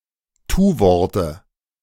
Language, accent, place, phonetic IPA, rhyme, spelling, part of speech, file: German, Germany, Berlin, [ˈtuːˌvɔʁtə], -uːvɔʁtə, Tuworte, noun, De-Tuworte.ogg
- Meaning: dative singular of Tuwort